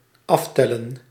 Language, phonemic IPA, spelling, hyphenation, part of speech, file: Dutch, /ˈɑftɛlə(n)/, aftellen, af‧tel‧len, verb, Nl-aftellen.ogg
- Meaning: to count down